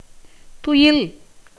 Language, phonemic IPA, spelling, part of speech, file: Tamil, /t̪ʊjɪl/, துயில், noun / verb, Ta-துயில்.ogg
- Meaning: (noun) 1. sleep 2. dream 3. death; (verb) 1. to sleep 2. to die 3. to set, as the sun